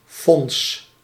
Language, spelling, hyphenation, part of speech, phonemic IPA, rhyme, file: Dutch, Fons, Fons, proper noun, /fɔns/, -ɔns, Nl-Fons.ogg
- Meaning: 1. a diminutive of the male given name Alfons 2. a hamlet in Leeuwarden, Friesland, Netherlands